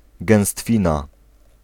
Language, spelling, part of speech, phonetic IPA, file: Polish, gęstwina, noun, [ɡɛ̃w̃ˈstfʲĩna], Pl-gęstwina.ogg